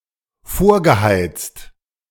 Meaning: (verb) past participle of vorheizen; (adjective) preheated
- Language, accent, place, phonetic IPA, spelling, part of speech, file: German, Germany, Berlin, [ˈfoːɐ̯ɡəˌhaɪ̯t͡st], vorgeheizt, verb, De-vorgeheizt.ogg